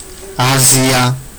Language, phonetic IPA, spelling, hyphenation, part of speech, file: Georgian, [äziä], აზია, აზია, proper noun, Ka-azia.ogg
- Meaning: Asia (the largest continent, located between Europe and the Pacific Ocean)